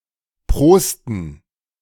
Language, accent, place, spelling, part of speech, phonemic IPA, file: German, Germany, Berlin, prosten, verb, /ˈpʁoːstn̩/, De-prosten.ogg
- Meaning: to raise one's glass, to toast